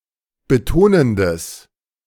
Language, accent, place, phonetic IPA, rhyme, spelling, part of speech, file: German, Germany, Berlin, [bəˈtoːnəndəs], -oːnəndəs, betonendes, adjective, De-betonendes.ogg
- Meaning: strong/mixed nominative/accusative neuter singular of betonend